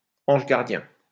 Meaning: guardian angel
- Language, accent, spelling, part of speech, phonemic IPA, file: French, France, ange gardien, noun, /ɑ̃ʒ ɡaʁ.djɛ̃/, LL-Q150 (fra)-ange gardien.wav